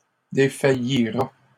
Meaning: third-person singular simple future of défaillir
- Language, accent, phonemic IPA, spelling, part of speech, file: French, Canada, /de.fa.ji.ʁa/, défaillira, verb, LL-Q150 (fra)-défaillira.wav